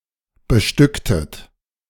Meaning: inflection of bestücken: 1. second-person plural preterite 2. second-person plural subjunctive II
- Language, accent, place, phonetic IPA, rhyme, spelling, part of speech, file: German, Germany, Berlin, [bəˈʃtʏktət], -ʏktət, bestücktet, verb, De-bestücktet.ogg